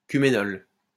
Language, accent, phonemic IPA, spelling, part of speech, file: French, France, /ky.me.nɔl/, cuménol, noun, LL-Q150 (fra)-cuménol.wav
- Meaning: cumenol